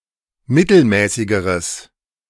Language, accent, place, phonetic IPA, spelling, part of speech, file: German, Germany, Berlin, [ˈmɪtl̩ˌmɛːsɪɡəʁəs], mittelmäßigeres, adjective, De-mittelmäßigeres.ogg
- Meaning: strong/mixed nominative/accusative neuter singular comparative degree of mittelmäßig